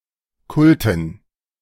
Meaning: dative plural of Kult
- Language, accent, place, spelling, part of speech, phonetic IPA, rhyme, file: German, Germany, Berlin, Kulten, noun, [ˈkʊltn̩], -ʊltn̩, De-Kulten.ogg